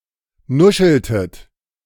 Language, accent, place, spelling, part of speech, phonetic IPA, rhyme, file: German, Germany, Berlin, nuscheltet, verb, [ˈnʊʃl̩tət], -ʊʃl̩tət, De-nuscheltet.ogg
- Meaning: inflection of nuscheln: 1. second-person plural preterite 2. second-person plural subjunctive II